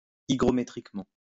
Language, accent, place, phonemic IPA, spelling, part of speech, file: French, France, Lyon, /i.ɡʁɔ.me.tʁik.mɑ̃/, hygrométriquement, adverb, LL-Q150 (fra)-hygrométriquement.wav
- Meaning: hygrometrically